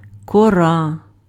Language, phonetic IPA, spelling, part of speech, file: Ukrainian, [kɔˈra], кора, noun, Uk-кора.ogg
- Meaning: 1. bark (of a tree) 2. crust 3. cortex